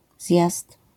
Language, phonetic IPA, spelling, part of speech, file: Polish, [zʲjast], zjazd, noun, LL-Q809 (pol)-zjazd.wav